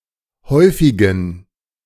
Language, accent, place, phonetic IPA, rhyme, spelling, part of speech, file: German, Germany, Berlin, [ˈhɔɪ̯fɪɡn̩], -ɔɪ̯fɪɡn̩, häufigen, adjective, De-häufigen.ogg
- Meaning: inflection of häufig: 1. strong genitive masculine/neuter singular 2. weak/mixed genitive/dative all-gender singular 3. strong/weak/mixed accusative masculine singular 4. strong dative plural